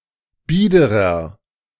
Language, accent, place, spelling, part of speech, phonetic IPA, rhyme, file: German, Germany, Berlin, biederer, adjective, [ˈbiːdəʁɐ], -iːdəʁɐ, De-biederer.ogg
- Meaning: 1. comparative degree of bieder 2. inflection of bieder: strong/mixed nominative masculine singular 3. inflection of bieder: strong genitive/dative feminine singular